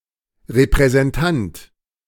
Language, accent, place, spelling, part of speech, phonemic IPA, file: German, Germany, Berlin, Repräsentant, noun, /reprɛzɛnˈtant/, De-Repräsentant.ogg
- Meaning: representative, agent